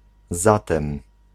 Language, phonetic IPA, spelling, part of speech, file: Polish, [ˈzatɛ̃m], zatem, conjunction / particle, Pl-zatem.ogg